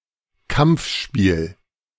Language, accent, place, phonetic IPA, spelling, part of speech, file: German, Germany, Berlin, [ˈkamp͡fˌʃpiːl], Kampfspiel, noun, De-Kampfspiel.ogg
- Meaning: contact sport